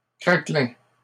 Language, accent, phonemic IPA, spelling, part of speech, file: French, Canada, /kʁa.klɛ̃/, craquelins, noun, LL-Q150 (fra)-craquelins.wav
- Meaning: plural of craquelin